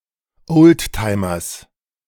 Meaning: genitive singular of Oldtimer
- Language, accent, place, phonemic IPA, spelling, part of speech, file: German, Germany, Berlin, /ˈʔoːltˌtaɪ̯mɐs/, Oldtimers, noun, De-Oldtimers.ogg